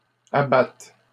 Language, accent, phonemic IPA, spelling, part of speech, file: French, Canada, /a.bat/, abattent, verb, LL-Q150 (fra)-abattent.wav
- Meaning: third-person plural present indicative/subjunctive of abattre